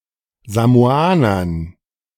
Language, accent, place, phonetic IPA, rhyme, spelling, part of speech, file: German, Germany, Berlin, [zamoˈaːnɐn], -aːnɐn, Samoanern, noun, De-Samoanern.ogg
- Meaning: dative plural of Samoaner